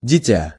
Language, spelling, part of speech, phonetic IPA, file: Russian, дитя, noun, [dʲɪˈtʲa], Ru-дитя.ogg
- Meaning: 1. child, baby, kid (also used ironically or in similes) 2. inflection of дитё (ditjó): genitive singular 3. inflection of дитё (ditjó): nominative plural